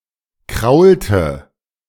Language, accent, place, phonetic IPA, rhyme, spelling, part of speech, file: German, Germany, Berlin, [ˈkʁaʊ̯ltə], -aʊ̯ltə, kraulte, verb, De-kraulte.ogg
- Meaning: inflection of kraulen: 1. first/third-person singular preterite 2. first/third-person singular subjunctive II